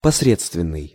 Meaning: 1. mediocre 2. passable
- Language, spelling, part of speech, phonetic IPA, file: Russian, посредственный, adjective, [pɐsˈrʲet͡stvʲɪn(ː)ɨj], Ru-посредственный.ogg